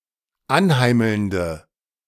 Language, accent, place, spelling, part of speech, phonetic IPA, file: German, Germany, Berlin, anheimelnde, adjective, [ˈanˌhaɪ̯ml̩ndə], De-anheimelnde.ogg
- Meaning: inflection of anheimelnd: 1. strong/mixed nominative/accusative feminine singular 2. strong nominative/accusative plural 3. weak nominative all-gender singular